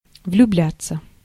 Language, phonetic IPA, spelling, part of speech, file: Russian, [vlʲʊˈblʲat͡sːə], влюбляться, verb, Ru-влюбляться.ogg
- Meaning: 1. to fall in love (to come to have feelings of love) 2. passive of влюбля́ть (vljubljátʹ)